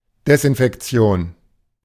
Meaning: 1. disinfection 2. fumigation
- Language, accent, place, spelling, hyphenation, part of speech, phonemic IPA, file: German, Germany, Berlin, Desinfektion, Des‧in‧fek‧ti‧on, noun, /dɛsʔɪnfɛkˈt͡si̯oːn/, De-Desinfektion.ogg